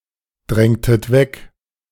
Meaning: inflection of wegdrängen: 1. second-person plural preterite 2. second-person plural subjunctive II
- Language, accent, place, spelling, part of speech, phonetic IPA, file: German, Germany, Berlin, drängtet weg, verb, [ˌdʁɛŋtət ˈvɛk], De-drängtet weg.ogg